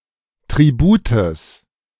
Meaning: genitive of Tribut
- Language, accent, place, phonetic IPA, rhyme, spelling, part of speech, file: German, Germany, Berlin, [tʁiˈbuːtəs], -uːtəs, Tributes, noun, De-Tributes.ogg